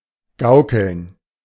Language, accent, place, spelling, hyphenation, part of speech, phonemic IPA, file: German, Germany, Berlin, gaukeln, gau‧keln, verb, /ˈɡaʊ̯kl̩n/, De-gaukeln.ogg
- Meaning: 1. to perform magic 2. to flutter; to sway